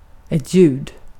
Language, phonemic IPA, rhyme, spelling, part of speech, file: Swedish, /jʉːd/, -ʉːd, ljud, noun / verb, Sv-ljud.ogg
- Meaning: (noun) sound; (verb) imperative of ljuda